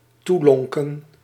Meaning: to beckon to, to lure
- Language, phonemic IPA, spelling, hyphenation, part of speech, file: Dutch, /ˈtuˌlɔŋ.kə(n)/, toelonken, toe‧lon‧ken, verb, Nl-toelonken.ogg